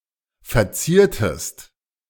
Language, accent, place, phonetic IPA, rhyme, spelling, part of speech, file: German, Germany, Berlin, [fɛɐ̯ˈt͡siːɐ̯təst], -iːɐ̯təst, verziertest, verb, De-verziertest.ogg
- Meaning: inflection of verzieren: 1. second-person singular preterite 2. second-person singular subjunctive II